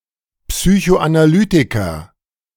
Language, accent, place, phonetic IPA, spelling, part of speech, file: German, Germany, Berlin, [psyçoʔanaˈlyːtɪkɐ], Psychoanalytiker, noun, De-Psychoanalytiker.ogg
- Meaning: psychoanalyst